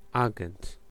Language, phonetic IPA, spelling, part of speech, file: Polish, [ˈaɡɛ̃nt], agent, noun, Pl-agent.ogg